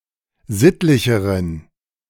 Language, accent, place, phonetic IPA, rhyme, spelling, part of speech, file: German, Germany, Berlin, [ˈzɪtlɪçəʁən], -ɪtlɪçəʁən, sittlicheren, adjective, De-sittlicheren.ogg
- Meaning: inflection of sittlich: 1. strong genitive masculine/neuter singular comparative degree 2. weak/mixed genitive/dative all-gender singular comparative degree